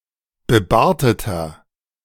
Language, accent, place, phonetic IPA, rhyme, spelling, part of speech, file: German, Germany, Berlin, [bəˈbaːɐ̯tətɐ], -aːɐ̯tətɐ, bebarteter, adjective, De-bebarteter.ogg
- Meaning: inflection of bebartet: 1. strong/mixed nominative masculine singular 2. strong genitive/dative feminine singular 3. strong genitive plural